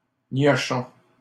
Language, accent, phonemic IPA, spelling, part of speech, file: French, Canada, /njɔ.ʃɔ̃/, niochon, noun / adjective, LL-Q150 (fra)-niochon.wav
- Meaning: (noun) imbecile; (adjective) imbecilic